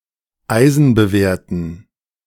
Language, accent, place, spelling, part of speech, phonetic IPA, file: German, Germany, Berlin, eisenbewehrten, adjective, [ˈaɪ̯zn̩bəˌveːɐ̯tn̩], De-eisenbewehrten.ogg
- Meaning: inflection of eisenbewehrt: 1. strong genitive masculine/neuter singular 2. weak/mixed genitive/dative all-gender singular 3. strong/weak/mixed accusative masculine singular 4. strong dative plural